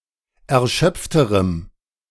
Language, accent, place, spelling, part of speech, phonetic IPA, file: German, Germany, Berlin, erschöpfterem, adjective, [ɛɐ̯ˈʃœp͡ftəʁəm], De-erschöpfterem.ogg
- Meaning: strong dative masculine/neuter singular comparative degree of erschöpft